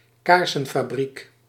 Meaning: candle factory
- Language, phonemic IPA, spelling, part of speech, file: Dutch, /ˈkaːrsə(n)fɑbrik/, kaarsenfabriek, noun, Nl-kaarsenfabriek.ogg